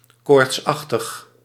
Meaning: 1. feverous, suffering from fever 2. (by far the most common use) frenetic, feverish, nervous, haste-stressed 3. resembling fever 4. causing fever
- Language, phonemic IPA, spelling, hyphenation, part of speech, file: Dutch, /ˈkoːrtsɑxtəx/, koortsachtig, koorts‧ach‧tig, adjective, Nl-koortsachtig.ogg